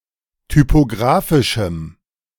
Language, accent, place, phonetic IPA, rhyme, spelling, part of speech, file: German, Germany, Berlin, [typoˈɡʁaːfɪʃm̩], -aːfɪʃm̩, typographischem, adjective, De-typographischem.ogg
- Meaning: strong dative masculine/neuter singular of typographisch